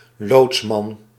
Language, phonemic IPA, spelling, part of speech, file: Dutch, /ˈlotsmɑn/, loodsman, noun, Nl-loodsman.ogg
- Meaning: 1. pilot, expert who helps navigate to the harbor or coast 2. guide